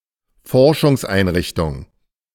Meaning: research facility
- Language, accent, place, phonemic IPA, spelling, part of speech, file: German, Germany, Berlin, /ˈfɔʁʃʊŋsʔaɪ̯nˌʁɪçtʊŋ/, Forschungseinrichtung, noun, De-Forschungseinrichtung.ogg